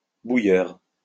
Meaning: 1. boiler 2. Formula One engine 3. a person who distils spirits (at home)
- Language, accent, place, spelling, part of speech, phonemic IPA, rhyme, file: French, France, Lyon, bouilleur, noun, /bu.jœʁ/, -jœʁ, LL-Q150 (fra)-bouilleur.wav